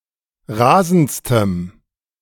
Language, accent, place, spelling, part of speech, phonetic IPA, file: German, Germany, Berlin, rasendstem, adjective, [ˈʁaːzn̩t͡stəm], De-rasendstem.ogg
- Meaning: strong dative masculine/neuter singular superlative degree of rasend